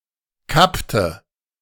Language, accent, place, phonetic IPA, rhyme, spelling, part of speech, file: German, Germany, Berlin, [ˈkaptə], -aptə, kappte, verb, De-kappte.ogg
- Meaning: inflection of kappen: 1. first/third-person singular preterite 2. first/third-person singular subjunctive II